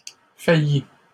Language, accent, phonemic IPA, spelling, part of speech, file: French, Canada, /fa.ji/, faillit, verb, LL-Q150 (fra)-faillit.wav
- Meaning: inflection of faillir: 1. third-person singular present indicative 2. third-person singular past historic